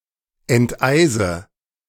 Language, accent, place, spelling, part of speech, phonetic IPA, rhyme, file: German, Germany, Berlin, enteise, verb, [ɛntˈʔaɪ̯zə], -aɪ̯zə, De-enteise.ogg
- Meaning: inflection of enteisen: 1. first-person singular present 2. first/third-person singular subjunctive I 3. singular imperative